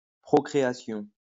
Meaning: procreation (production of offspring)
- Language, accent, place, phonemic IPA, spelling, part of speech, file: French, France, Lyon, /pʁɔ.kʁe.a.sjɔ̃/, procréation, noun, LL-Q150 (fra)-procréation.wav